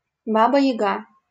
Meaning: 1. Baba Yaga 2. old witch, hag
- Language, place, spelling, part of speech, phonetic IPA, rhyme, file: Russian, Saint Petersburg, Баба-Яга, proper noun, [ˈbabə (j)ɪˈɡa], -a, LL-Q7737 (rus)-Баба-Яга.wav